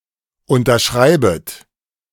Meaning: second-person plural subjunctive I of unterschreiben
- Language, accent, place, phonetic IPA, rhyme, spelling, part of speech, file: German, Germany, Berlin, [ˌʊntɐˈʃʁaɪ̯bət], -aɪ̯bət, unterschreibet, verb, De-unterschreibet.ogg